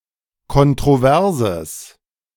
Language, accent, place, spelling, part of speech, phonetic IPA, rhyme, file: German, Germany, Berlin, kontroverses, adjective, [kɔntʁoˈvɛʁzəs], -ɛʁzəs, De-kontroverses.ogg
- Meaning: strong/mixed nominative/accusative neuter singular of kontrovers